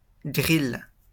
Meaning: 1. grill (cooking implement made of metal rods) 2. A heated metal grill used to torture by burning 3. Torture, torment
- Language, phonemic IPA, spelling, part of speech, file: French, /ɡʁil/, gril, noun, LL-Q150 (fra)-gril.wav